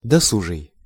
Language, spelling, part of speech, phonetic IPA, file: Russian, досужий, adjective, [dɐˈsuʐɨj], Ru-досужий.ogg
- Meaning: 1. leisurely; idle 2. caused by idleness, empty; idle 3. capable (able and efficient)